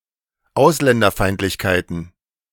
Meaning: plural of Ausländerfeindlichkeit
- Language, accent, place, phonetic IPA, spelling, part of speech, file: German, Germany, Berlin, [ˈaʊ̯slɛndɐˌfaɪ̯ntlɪçkaɪ̯tn̩], Ausländerfeindlichkeiten, noun, De-Ausländerfeindlichkeiten.ogg